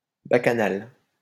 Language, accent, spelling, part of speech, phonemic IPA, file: French, France, bacchanale, noun, /ba.ka.nal/, LL-Q150 (fra)-bacchanale.wav
- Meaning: bacchanal